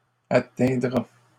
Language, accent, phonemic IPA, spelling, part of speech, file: French, Canada, /a.tɛ̃.dʁa/, atteindra, verb, LL-Q150 (fra)-atteindra.wav
- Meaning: third-person singular future of atteindre